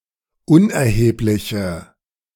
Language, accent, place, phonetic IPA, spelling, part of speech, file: German, Germany, Berlin, [ˈʊnʔɛɐ̯heːplɪçə], unerhebliche, adjective, De-unerhebliche.ogg
- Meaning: inflection of unerheblich: 1. strong/mixed nominative/accusative feminine singular 2. strong nominative/accusative plural 3. weak nominative all-gender singular